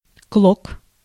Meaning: 1. tuft, flock 2. shred, rag, tatter
- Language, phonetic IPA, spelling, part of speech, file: Russian, [kɫok], клок, noun, Ru-клок.ogg